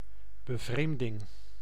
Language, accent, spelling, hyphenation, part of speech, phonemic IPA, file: Dutch, Netherlands, bevreemding, be‧vreem‧ding, noun, /bəˈvreːm.dɪŋ/, Nl-bevreemding.ogg
- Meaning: surprise, astonishment